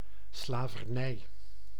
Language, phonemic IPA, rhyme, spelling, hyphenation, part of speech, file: Dutch, /ˌslaː.vərˈnɛi̯/, -ɛi̯, slavernij, sla‧ver‧nij, noun, Nl-slavernij.ogg
- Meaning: 1. slavery 2. oppression, submission, bondage